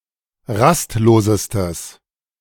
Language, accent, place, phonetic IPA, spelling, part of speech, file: German, Germany, Berlin, [ˈʁastˌloːzəstəs], rastlosestes, adjective, De-rastlosestes.ogg
- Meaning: strong/mixed nominative/accusative neuter singular superlative degree of rastlos